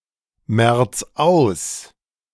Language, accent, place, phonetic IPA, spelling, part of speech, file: German, Germany, Berlin, [ˌmɛʁt͡s ˈaʊ̯s], merz aus, verb, De-merz aus.ogg
- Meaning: 1. singular imperative of ausmerzen 2. first-person singular present of ausmerzen